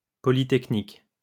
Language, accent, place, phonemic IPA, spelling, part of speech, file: French, France, Lyon, /pɔ.li.tɛk.nik/, polytechnique, adjective, LL-Q150 (fra)-polytechnique.wav
- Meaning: polytechnic